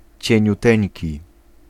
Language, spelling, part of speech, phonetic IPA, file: Polish, cieniuteńki, adjective, [ˌt͡ɕɛ̇̃ɲuˈtɛ̃ɲci], Pl-cieniuteńki.ogg